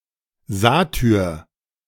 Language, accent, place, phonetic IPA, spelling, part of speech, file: German, Germany, Berlin, [ˈzaːtʏʁ], Satyr, noun, De-Satyr.ogg
- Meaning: 1. a satyr (half-man and half-goat being) 2. a very lecherous man